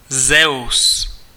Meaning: Zeus
- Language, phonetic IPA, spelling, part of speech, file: Czech, [ˈzɛu̯s], Zeus, proper noun, Cs-Zeus.ogg